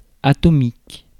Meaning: atomic
- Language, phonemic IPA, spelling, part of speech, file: French, /a.tɔ.mik/, atomique, adjective, Fr-atomique.ogg